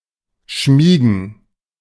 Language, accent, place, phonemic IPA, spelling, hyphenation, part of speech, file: German, Germany, Berlin, /ˈʃmiːɡən/, schmiegen, schmie‧gen, verb, De-schmiegen.ogg
- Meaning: to nestle up